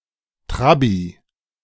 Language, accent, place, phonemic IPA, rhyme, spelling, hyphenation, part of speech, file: German, Germany, Berlin, /ˈtʁabi/, -abi, Trabi, Tra‧bi, noun, De-Trabi.ogg
- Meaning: clipping of Trabant (“East German make of car”)